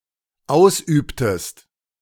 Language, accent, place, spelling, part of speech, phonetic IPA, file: German, Germany, Berlin, ausübtest, verb, [ˈaʊ̯sˌʔyːptəst], De-ausübtest.ogg
- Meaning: inflection of ausüben: 1. second-person singular dependent preterite 2. second-person singular dependent subjunctive II